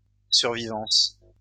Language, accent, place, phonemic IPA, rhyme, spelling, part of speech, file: French, France, Lyon, /syʁ.vi.vɑ̃s/, -ɑ̃s, survivance, noun, LL-Q150 (fra)-survivance.wav
- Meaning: relic, remnant